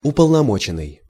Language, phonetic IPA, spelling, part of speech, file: Russian, [ʊpəɫnɐˈmot͡ɕɪn(ː)ɨj], уполномоченный, verb / noun, Ru-уполномоченный.ogg
- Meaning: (verb) past passive perfective participle of уполномо́чить (upolnomóčitʹ): authorized; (noun) authorized representative, agent